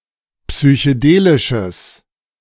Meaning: strong/mixed nominative/accusative neuter singular of psychedelisch
- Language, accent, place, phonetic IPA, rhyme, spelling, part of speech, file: German, Germany, Berlin, [psyçəˈdeːlɪʃəs], -eːlɪʃəs, psychedelisches, adjective, De-psychedelisches.ogg